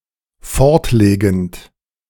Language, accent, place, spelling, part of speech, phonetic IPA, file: German, Germany, Berlin, fortlegend, verb, [ˈfɔʁtˌleːɡn̩t], De-fortlegend.ogg
- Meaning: present participle of fortlegen